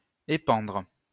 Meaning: to discharge, pour
- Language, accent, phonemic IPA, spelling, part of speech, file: French, France, /e.pɑ̃dʁ/, épandre, verb, LL-Q150 (fra)-épandre.wav